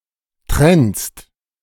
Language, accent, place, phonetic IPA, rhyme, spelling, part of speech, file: German, Germany, Berlin, [tʁɛnst], -ɛnst, trennst, verb, De-trennst.ogg
- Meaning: second-person singular present of trennen